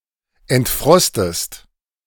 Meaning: inflection of entfrosten: 1. second-person singular present 2. second-person singular subjunctive I
- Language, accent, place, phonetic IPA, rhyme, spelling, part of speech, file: German, Germany, Berlin, [ɛntˈfʁɔstəst], -ɔstəst, entfrostest, verb, De-entfrostest.ogg